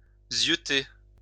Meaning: alternative spelling of zyeuter
- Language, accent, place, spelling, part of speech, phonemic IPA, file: French, France, Lyon, zieuter, verb, /zjø.te/, LL-Q150 (fra)-zieuter.wav